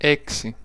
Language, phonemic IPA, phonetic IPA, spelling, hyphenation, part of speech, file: Greek, /ˈe.ksi/, [ˈɛ.ksi], έξι, έ‧ξι, numeral, El-έξι.ogg
- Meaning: six